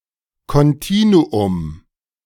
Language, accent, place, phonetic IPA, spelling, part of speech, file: German, Germany, Berlin, [kɔnˈtiːnuʊm], Kontinuum, noun, De-Kontinuum.ogg
- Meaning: continuum